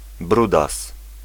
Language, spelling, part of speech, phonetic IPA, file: Polish, brudas, noun, [ˈbrudas], Pl-brudas.ogg